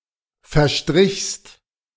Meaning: second-person singular preterite of verstreichen
- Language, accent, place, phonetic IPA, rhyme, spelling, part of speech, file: German, Germany, Berlin, [fɛɐ̯ˈʃtʁɪçst], -ɪçst, verstrichst, verb, De-verstrichst.ogg